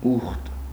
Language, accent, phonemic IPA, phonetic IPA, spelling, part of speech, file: Armenian, Eastern Armenian, /uχt/, [uχt], ուխտ, noun, Hy-ուխտ.ogg
- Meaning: 1. vow, promise, oath 2. agreement, covenant 3. fraternity 4. cloister, (Catholicism) abbey 5. holy place, sanctuary